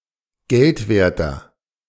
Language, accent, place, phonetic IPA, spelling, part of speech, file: German, Germany, Berlin, [ˈɡɛltˌveːɐ̯tɐ], geldwerter, adjective, De-geldwerter.ogg
- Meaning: inflection of geldwert: 1. strong/mixed nominative masculine singular 2. strong genitive/dative feminine singular 3. strong genitive plural